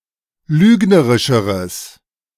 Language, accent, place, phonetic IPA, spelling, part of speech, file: German, Germany, Berlin, [ˈlyːɡnəʁɪʃəʁəs], lügnerischeres, adjective, De-lügnerischeres.ogg
- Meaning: strong/mixed nominative/accusative neuter singular comparative degree of lügnerisch